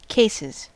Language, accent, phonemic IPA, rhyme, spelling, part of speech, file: English, US, /ˈkeɪsɪz/, -ɪz, cases, noun / verb, En-us-cases.ogg
- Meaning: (noun) plural of case; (verb) third-person singular simple present indicative of case